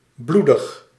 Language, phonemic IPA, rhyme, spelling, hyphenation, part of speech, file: Dutch, /ˈblu.dəx/, -udəx, bloedig, bloe‧dig, adjective, Nl-bloedig.ogg
- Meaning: bloody (covered in blood, pertaining to bloodshed)